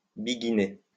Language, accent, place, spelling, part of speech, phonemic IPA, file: French, France, Lyon, biguiner, verb, /bi.ɡi.ne/, LL-Q150 (fra)-biguiner.wav
- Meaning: to dance the beguine